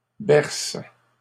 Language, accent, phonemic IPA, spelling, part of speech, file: French, Canada, /bɛʁs/, berce, noun / verb, LL-Q150 (fra)-berce.wav
- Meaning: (noun) hogweed, any plant of the genus Heracleum; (verb) inflection of bercer: 1. first/third-person singular present indicative/subjunctive 2. second-person singular imperative